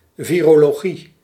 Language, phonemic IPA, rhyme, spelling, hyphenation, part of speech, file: Dutch, /ˌviː.roː.loːˈɣi/, -i, virologie, vi‧ro‧lo‧gie, noun, Nl-virologie.ogg
- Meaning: virology